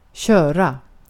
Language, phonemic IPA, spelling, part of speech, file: Swedish, /²ɕœ̞ːra/, köra, verb, Sv-köra.ogg
- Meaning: 1. to drive ((of) a (motorized) vehicle) 2. to run (machinery or the like – or sometimes in a more general sense by extension)